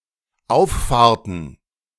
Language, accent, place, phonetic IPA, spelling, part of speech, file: German, Germany, Berlin, [ˈaʊ̯fˌfaːɐ̯tn̩], Auffahrten, noun, De-Auffahrten.ogg
- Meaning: plural of Auffahrt